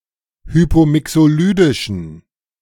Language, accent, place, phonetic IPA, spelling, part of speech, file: German, Germany, Berlin, [ˈhyːpoːˌmɪksoːˌlyːdɪʃn̩], hypomixolydischen, adjective, De-hypomixolydischen.ogg
- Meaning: inflection of hypomixolydisch: 1. strong genitive masculine/neuter singular 2. weak/mixed genitive/dative all-gender singular 3. strong/weak/mixed accusative masculine singular 4. strong dative plural